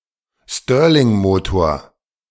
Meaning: Stirling engine
- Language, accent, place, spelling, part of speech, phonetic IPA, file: German, Germany, Berlin, Stirlingmotor, noun, [ˈstøːɐ̯lɪŋˌmoːtoːɐ̯], De-Stirlingmotor.ogg